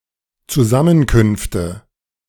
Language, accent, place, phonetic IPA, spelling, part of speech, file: German, Germany, Berlin, [t͡suˈzamənkʏnftə], Zusammenkünfte, noun, De-Zusammenkünfte.ogg
- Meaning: nominative/accusative/genitive plural of Zusammenkunft